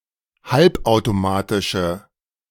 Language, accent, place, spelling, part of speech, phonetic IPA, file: German, Germany, Berlin, halbautomatische, adjective, [ˈhalpʔaʊ̯toˌmaːtɪʃə], De-halbautomatische.ogg
- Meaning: inflection of halbautomatisch: 1. strong/mixed nominative/accusative feminine singular 2. strong nominative/accusative plural 3. weak nominative all-gender singular